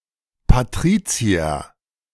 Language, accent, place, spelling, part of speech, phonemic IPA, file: German, Germany, Berlin, Patrizier, noun, /paˈtʁiːtsiɐ/, De-Patrizier.ogg
- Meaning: patrician (member of Roman aristocracy)